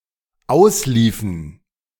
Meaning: inflection of auslaufen: 1. first/third-person plural dependent preterite 2. first/third-person plural dependent subjunctive II
- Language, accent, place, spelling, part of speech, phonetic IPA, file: German, Germany, Berlin, ausliefen, verb, [ˈaʊ̯sˌliːfn̩], De-ausliefen.ogg